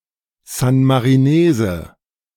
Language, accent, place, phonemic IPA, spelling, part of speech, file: German, Germany, Berlin, /ˌzanmaʁiˈneːzə/, San-Marinese, noun, De-San-Marinese.ogg
- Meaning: San Marinese (a person from San Marino) (male or of unspecified gender)